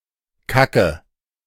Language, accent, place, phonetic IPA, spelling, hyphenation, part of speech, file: German, Germany, Berlin, [ˈkʰakʰə], Kacke, Ka‧cke, noun, De-Kacke.ogg
- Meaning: crap (something of poor quality; feces)